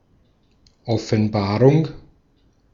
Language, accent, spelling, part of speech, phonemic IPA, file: German, Austria, Offenbarung, noun / proper noun, /ˌɔfənˈbaːʁʊŋ/, De-at-Offenbarung.ogg
- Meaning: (noun) revelation; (proper noun) Revelation